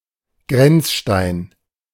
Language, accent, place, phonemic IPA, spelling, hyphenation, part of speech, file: German, Germany, Berlin, /ˈɡʁɛnt͡sˌʃtaɪn/, Grenzstein, Grenz‧stein, noun, De-Grenzstein.ogg
- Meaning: boundary stone, border stone, landmark